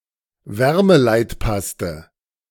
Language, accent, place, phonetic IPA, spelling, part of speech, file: German, Germany, Berlin, [ˈvɛʁməlaɪ̯tˌpastə], Wärmeleitpaste, noun, De-Wärmeleitpaste.ogg
- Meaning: thermal grease, thermal paste